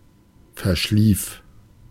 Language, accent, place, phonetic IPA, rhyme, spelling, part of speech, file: German, Germany, Berlin, [fɛɐ̯ˈʃliːf], -iːf, verschlief, verb, De-verschlief.ogg
- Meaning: first/third-person singular preterite of verschlafen